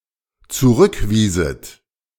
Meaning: second-person plural dependent subjunctive II of zurückweisen
- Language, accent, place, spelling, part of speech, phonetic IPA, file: German, Germany, Berlin, zurückwieset, verb, [t͡suˈʁʏkˌviːzət], De-zurückwieset.ogg